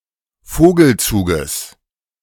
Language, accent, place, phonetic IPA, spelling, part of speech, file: German, Germany, Berlin, [ˈfoːɡl̩ˌt͡suːɡəs], Vogelzuges, noun, De-Vogelzuges.ogg
- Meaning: genitive singular of Vogelzug